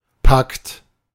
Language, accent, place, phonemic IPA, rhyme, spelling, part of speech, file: German, Germany, Berlin, /pakt/, -akt, Pakt, noun, De-Pakt.ogg
- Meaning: pact, agreement